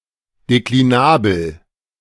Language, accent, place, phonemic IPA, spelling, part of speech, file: German, Germany, Berlin, /dekliˈnaːbl̩/, deklinabel, adjective, De-deklinabel.ogg
- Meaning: declinable